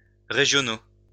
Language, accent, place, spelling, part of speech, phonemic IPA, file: French, France, Lyon, régionaux, adjective, /ʁe.ʒjɔ.no/, LL-Q150 (fra)-régionaux.wav
- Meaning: masculine plural of régional